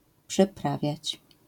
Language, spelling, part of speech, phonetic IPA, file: Polish, przyprawiać, verb, [pʃɨ.ˈpra.vʲjät͡ɕ], LL-Q809 (pol)-przyprawiać.wav